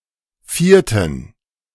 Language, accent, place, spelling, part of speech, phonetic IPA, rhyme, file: German, Germany, Berlin, vierten, adjective, [ˈfiːɐ̯tn̩], -iːɐ̯tn̩, De-vierten.ogg
- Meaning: inflection of vierte: 1. strong genitive masculine/neuter singular 2. weak/mixed genitive/dative all-gender singular 3. strong/weak/mixed accusative masculine singular 4. strong dative plural